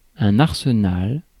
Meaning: arsenal
- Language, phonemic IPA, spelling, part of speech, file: French, /aʁ.sə.nal/, arsenal, noun, Fr-arsenal.ogg